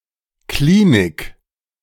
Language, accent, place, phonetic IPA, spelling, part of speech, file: German, Germany, Berlin, [ˈkliːnɪk], Klinik, noun, De-Klinik.ogg
- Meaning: clinic